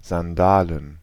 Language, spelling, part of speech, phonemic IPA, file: German, Sandalen, noun, /zanˈdaːlən/, De-Sandalen.ogg
- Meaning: plural of Sandale